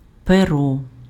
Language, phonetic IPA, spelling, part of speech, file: Ukrainian, [peˈrɔ], перо, noun, Uk-перо.ogg
- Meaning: 1. pen 2. feather